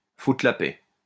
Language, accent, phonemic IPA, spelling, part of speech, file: French, France, /fu.tʁə la pɛ/, foutre la paix, verb, LL-Q150 (fra)-foutre la paix.wav
- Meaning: to leave alone, to leave be